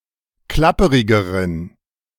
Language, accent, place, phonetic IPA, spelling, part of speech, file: German, Germany, Berlin, [ˈklapəʁɪɡəʁən], klapperigeren, adjective, De-klapperigeren.ogg
- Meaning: inflection of klapperig: 1. strong genitive masculine/neuter singular comparative degree 2. weak/mixed genitive/dative all-gender singular comparative degree